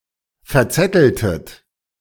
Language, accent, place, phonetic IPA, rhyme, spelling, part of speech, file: German, Germany, Berlin, [fɛɐ̯ˈt͡sɛtl̩tət], -ɛtl̩tət, verzetteltet, verb, De-verzetteltet.ogg
- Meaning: inflection of verzetteln: 1. second-person plural preterite 2. second-person plural subjunctive II